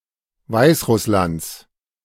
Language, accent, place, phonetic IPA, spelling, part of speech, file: German, Germany, Berlin, [ˈvaɪ̯sˌʁʊslant͡s], Weißrusslands, noun, De-Weißrusslands.ogg
- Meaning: genitive singular of Weißrussland